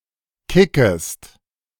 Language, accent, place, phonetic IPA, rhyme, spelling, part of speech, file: German, Germany, Berlin, [ˈkɪkəst], -ɪkəst, kickest, verb, De-kickest.ogg
- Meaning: second-person singular subjunctive I of kicken